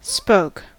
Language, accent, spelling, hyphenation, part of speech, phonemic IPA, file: English, US, spoke, spoke, noun / verb, /spoʊk/, En-us-spoke.ogg
- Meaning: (noun) 1. A support structure that connects the axle or the hub of a wheel to the rim 2. A projecting handle of a steering wheel 3. A rung of a ladder